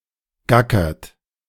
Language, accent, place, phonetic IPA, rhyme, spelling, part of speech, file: German, Germany, Berlin, [ˈɡakɐt], -akɐt, gackert, verb, De-gackert.ogg
- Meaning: inflection of gackern: 1. third-person singular present 2. second-person plural present 3. plural imperative